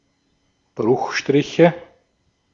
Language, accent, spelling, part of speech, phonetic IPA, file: German, Austria, Bruchstriche, noun, [ˈbʁʊxˌʃtʁɪçə], De-at-Bruchstriche.ogg
- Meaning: nominative/accusative/genitive plural of Bruchstrich